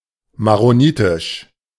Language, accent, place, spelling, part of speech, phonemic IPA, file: German, Germany, Berlin, maronitisch, adjective, /maʁoˈniːtɪʃ/, De-maronitisch.ogg
- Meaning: Maronite, Maronitic